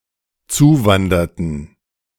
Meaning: inflection of zuwandern: 1. first/third-person plural dependent preterite 2. first/third-person plural dependent subjunctive II
- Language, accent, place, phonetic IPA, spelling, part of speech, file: German, Germany, Berlin, [ˈt͡suːˌvandɐtn̩], zuwanderten, verb, De-zuwanderten.ogg